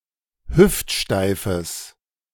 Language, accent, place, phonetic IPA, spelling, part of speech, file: German, Germany, Berlin, [ˈhʏftˌʃtaɪ̯fəs], hüftsteifes, adjective, De-hüftsteifes.ogg
- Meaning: strong/mixed nominative/accusative neuter singular of hüftsteif